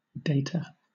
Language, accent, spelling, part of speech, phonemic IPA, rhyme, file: English, Southern England, dater, noun, /ˈdeɪtə(ɹ)/, -eɪtə(ɹ), LL-Q1860 (eng)-dater.wav
- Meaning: 1. One who dates 2. A date-stamping device